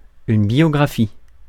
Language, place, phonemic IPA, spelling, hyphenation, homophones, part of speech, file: French, Paris, /bjɔ.ɡʁa.fi/, biographie, bio‧gra‧phie, biographient / biographies, noun / verb, Fr-biographie.ogg
- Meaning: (noun) biography; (verb) inflection of biographier: 1. first/third-person singular present indicative/subjunctive 2. second-person singular imperative